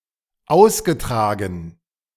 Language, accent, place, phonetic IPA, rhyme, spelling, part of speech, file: German, Germany, Berlin, [ˈaʊ̯sɡəˌtʁaːɡn̩], -aʊ̯sɡətʁaːɡn̩, ausgetragen, verb, De-ausgetragen.ogg
- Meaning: past participle of austragen